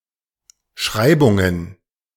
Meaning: plural of Schreibung
- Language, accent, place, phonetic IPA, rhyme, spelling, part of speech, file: German, Germany, Berlin, [ˈʃʁaɪ̯bʊŋən], -aɪ̯bʊŋən, Schreibungen, noun, De-Schreibungen.ogg